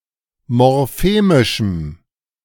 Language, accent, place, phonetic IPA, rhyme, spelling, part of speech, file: German, Germany, Berlin, [mɔʁˈfeːmɪʃm̩], -eːmɪʃm̩, morphemischem, adjective, De-morphemischem.ogg
- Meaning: strong dative masculine/neuter singular of morphemisch